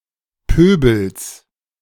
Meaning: genitive singular of Pöbel
- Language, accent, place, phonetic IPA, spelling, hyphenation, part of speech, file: German, Germany, Berlin, [ˈpøːbl̩s], Pöbels, Pö‧bels, noun, De-Pöbels.ogg